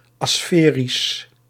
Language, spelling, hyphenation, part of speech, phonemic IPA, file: Dutch, asferisch, asfe‧risch, adjective, /ˌaːˈsfeː.ris/, Nl-asferisch.ogg
- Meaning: aspherical